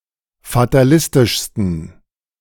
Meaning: 1. superlative degree of fatalistisch 2. inflection of fatalistisch: strong genitive masculine/neuter singular superlative degree
- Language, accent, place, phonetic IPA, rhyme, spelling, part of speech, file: German, Germany, Berlin, [fataˈlɪstɪʃstn̩], -ɪstɪʃstn̩, fatalistischsten, adjective, De-fatalistischsten.ogg